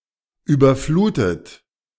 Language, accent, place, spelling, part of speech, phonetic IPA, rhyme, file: German, Germany, Berlin, überflutet, verb, [ˌyːbɐˈfluːtət], -uːtət, De-überflutet.ogg
- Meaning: past participle of überfluten